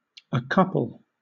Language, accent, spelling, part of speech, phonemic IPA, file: English, Southern England, accouple, verb, /əˈkʌpəl/, LL-Q1860 (eng)-accouple.wav
- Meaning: To join; to couple